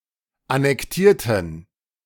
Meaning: inflection of annektieren: 1. first/third-person plural preterite 2. first/third-person plural subjunctive II
- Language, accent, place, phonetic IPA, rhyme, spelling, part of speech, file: German, Germany, Berlin, [anɛkˈtiːɐ̯tn̩], -iːɐ̯tn̩, annektierten, adjective / verb, De-annektierten.ogg